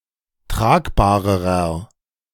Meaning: inflection of tragbar: 1. strong/mixed nominative masculine singular comparative degree 2. strong genitive/dative feminine singular comparative degree 3. strong genitive plural comparative degree
- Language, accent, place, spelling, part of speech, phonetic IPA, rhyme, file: German, Germany, Berlin, tragbarerer, adjective, [ˈtʁaːkbaːʁəʁɐ], -aːkbaːʁəʁɐ, De-tragbarerer.ogg